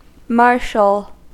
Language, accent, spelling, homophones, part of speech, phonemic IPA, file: English, US, Marshall, marshal / martial, proper noun, /ˈmɑɹʃəl/, En-us-marshall.ogg